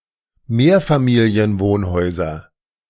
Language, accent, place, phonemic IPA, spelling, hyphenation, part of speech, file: German, Germany, Berlin, /ˈmeːɐ̯faˌmiːli̯ənˌvoːnhɔɪ̯zɐ/, Mehrfamilienwohnhäuser, Mehr‧fa‧mi‧li‧en‧wohn‧häu‧ser, noun, De-Mehrfamilienwohnhäuser.ogg
- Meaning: 1. nominative plural of Mehrfamilienwohnhaus 2. accusative plural of Mehrfamilienwohnhaus 3. genitive plural of Mehrfamilienwohnhaus